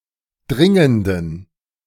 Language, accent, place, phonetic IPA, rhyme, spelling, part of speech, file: German, Germany, Berlin, [ˈdʁɪŋəndn̩], -ɪŋəndn̩, dringenden, adjective, De-dringenden.ogg
- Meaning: inflection of dringend: 1. strong genitive masculine/neuter singular 2. weak/mixed genitive/dative all-gender singular 3. strong/weak/mixed accusative masculine singular 4. strong dative plural